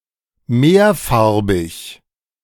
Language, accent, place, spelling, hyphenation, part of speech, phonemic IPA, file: German, Germany, Berlin, mehrfarbig, mehr‧far‧big, adjective, /ˈmeːɐ̯.ˌfaʁ.bɪç/, De-mehrfarbig.ogg
- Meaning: multicoloured, varicoloured